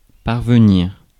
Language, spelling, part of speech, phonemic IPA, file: French, parvenir, verb, /paʁ.və.niʁ/, Fr-parvenir.ogg
- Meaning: 1. to reach 2. to succeed